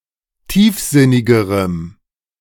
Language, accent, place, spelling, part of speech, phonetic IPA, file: German, Germany, Berlin, tiefsinnigerem, adjective, [ˈtiːfˌzɪnɪɡəʁəm], De-tiefsinnigerem.ogg
- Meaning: strong dative masculine/neuter singular comparative degree of tiefsinnig